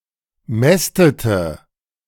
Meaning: inflection of mästen: 1. first/third-person singular preterite 2. first/third-person singular subjunctive II
- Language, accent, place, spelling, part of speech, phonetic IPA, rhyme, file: German, Germany, Berlin, mästete, verb, [ˈmɛstətə], -ɛstətə, De-mästete.ogg